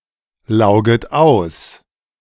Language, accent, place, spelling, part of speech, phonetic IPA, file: German, Germany, Berlin, lauget aus, verb, [ˌlaʊ̯ɡət ˈaʊ̯s], De-lauget aus.ogg
- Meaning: second-person plural subjunctive I of auslaugen